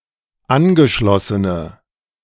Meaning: inflection of angeschlossen: 1. strong/mixed nominative/accusative feminine singular 2. strong nominative/accusative plural 3. weak nominative all-gender singular
- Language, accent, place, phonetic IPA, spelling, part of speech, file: German, Germany, Berlin, [ˈanɡəˌʃlɔsənə], angeschlossene, adjective, De-angeschlossene.ogg